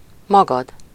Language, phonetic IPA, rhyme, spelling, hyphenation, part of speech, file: Hungarian, [ˈmɒɡɒd], -ɒd, magad, ma‧gad, pronoun, Hu-magad.ogg
- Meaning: yourself (singular)